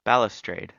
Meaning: A row of balusters topped by a rail, serving as an open parapet, as along the edge of a balcony, terrace, bridge, staircase, or the eaves of a building
- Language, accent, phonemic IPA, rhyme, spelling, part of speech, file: English, US, /ˈbæl.ə.stɹeɪd/, -eɪd, balustrade, noun, En-us-balustrade.ogg